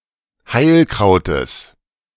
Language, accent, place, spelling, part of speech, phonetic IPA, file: German, Germany, Berlin, Heilkrautes, noun, [ˈhaɪ̯lˌkʁaʊ̯təs], De-Heilkrautes.ogg
- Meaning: genitive singular of Heilkraut